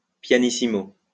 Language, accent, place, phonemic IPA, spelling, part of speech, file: French, France, Lyon, /pja.ni.si.mo/, pianissimo, adverb / noun, LL-Q150 (fra)-pianissimo.wav
- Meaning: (adverb) pianissimo